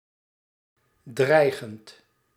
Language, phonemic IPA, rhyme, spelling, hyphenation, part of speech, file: Dutch, /ˈdrɛi̯.ɣənt/, -ɛi̯ɣənt, dreigend, drei‧gend, adjective / verb, Nl-dreigend.ogg
- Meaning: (adjective) 1. threatening 2. imminent, looming, impending; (verb) present participle of dreigen